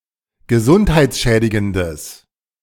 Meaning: strong/mixed nominative/accusative neuter singular of gesundheitsschädigend
- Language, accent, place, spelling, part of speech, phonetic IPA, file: German, Germany, Berlin, gesundheitsschädigendes, adjective, [ɡəˈzʊnthaɪ̯t͡sˌʃɛːdɪɡəndəs], De-gesundheitsschädigendes.ogg